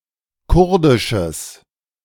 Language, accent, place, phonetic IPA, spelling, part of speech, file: German, Germany, Berlin, [ˈkʊʁdɪʃəs], kurdisches, adjective, De-kurdisches.ogg
- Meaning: strong/mixed nominative/accusative neuter singular of kurdisch